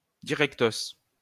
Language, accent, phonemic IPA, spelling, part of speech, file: French, France, /di.ʁɛk.tos/, directos, adverb, LL-Q150 (fra)-directos.wav
- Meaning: directly